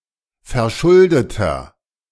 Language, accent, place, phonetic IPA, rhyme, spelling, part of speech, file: German, Germany, Berlin, [fɛɐ̯ˈʃʊldətɐ], -ʊldətɐ, verschuldeter, adjective, De-verschuldeter.ogg
- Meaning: inflection of verschuldet: 1. strong/mixed nominative masculine singular 2. strong genitive/dative feminine singular 3. strong genitive plural